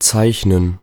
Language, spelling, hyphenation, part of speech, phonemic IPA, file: German, zeichnen, zeich‧nen, verb, /ˈt͡saɪ̯çnən/, De-zeichnen.ogg
- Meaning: to draw, to sketch